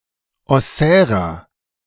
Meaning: inflection of ossär: 1. strong/mixed nominative masculine singular 2. strong genitive/dative feminine singular 3. strong genitive plural
- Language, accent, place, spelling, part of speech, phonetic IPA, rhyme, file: German, Germany, Berlin, ossärer, adjective, [ɔˈsɛːʁɐ], -ɛːʁɐ, De-ossärer.ogg